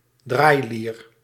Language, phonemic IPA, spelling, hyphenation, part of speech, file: Dutch, /ˈdraːi̯.liːr/, draailier, draai‧lier, noun, Nl-draailier.ogg
- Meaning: hurdy-gurdy